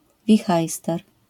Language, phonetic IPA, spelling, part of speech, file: Polish, [vʲiˈxajstɛr], wihajster, noun, LL-Q809 (pol)-wihajster.wav